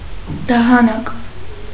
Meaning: malachite
- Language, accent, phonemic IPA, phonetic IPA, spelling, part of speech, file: Armenian, Eastern Armenian, /dɑhɑˈnɑk/, [dɑhɑnɑ́k], դահանակ, noun, Hy-դահանակ.ogg